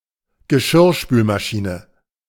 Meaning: dishwasher
- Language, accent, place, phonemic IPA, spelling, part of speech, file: German, Germany, Berlin, /ɡəˈʃɪʁʃpyːlmaˌʃiːnə/, Geschirrspülmaschine, noun, De-Geschirrspülmaschine.ogg